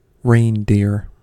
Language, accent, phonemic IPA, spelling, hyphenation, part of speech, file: English, General American, /ˈɹeɪndɪɹ/, reindeer, rein‧deer, noun / verb, En-us-reindeer.ogg
- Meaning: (noun) 1. Any Arctic and subarctic-dwelling deer of the species Rangifer tarandus, with a number of subspecies 2. Any species, subspecies, ecotype, or other scientific grouping of such animals